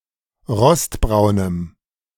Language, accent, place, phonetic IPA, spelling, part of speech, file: German, Germany, Berlin, [ˈʁɔstˌbʁaʊ̯nəm], rostbraunem, adjective, De-rostbraunem.ogg
- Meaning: strong dative masculine/neuter singular of rostbraun